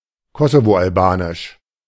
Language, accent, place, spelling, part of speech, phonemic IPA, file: German, Germany, Berlin, kosovo-albanisch, adjective, /ˈkɔsovoʔalˌbaːnɪʃ/, De-kosovo-albanisch.ogg
- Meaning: Kosovo Albanian